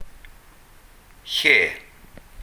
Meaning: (noun) 1. place, location 2. space, seat; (adverb) where
- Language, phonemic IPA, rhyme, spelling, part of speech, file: Welsh, /ɬeː/, -eː, lle, noun / adverb, Cy-lle.ogg